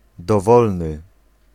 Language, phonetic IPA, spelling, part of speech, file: Polish, [dɔˈvɔlnɨ], dowolny, adjective, Pl-dowolny.ogg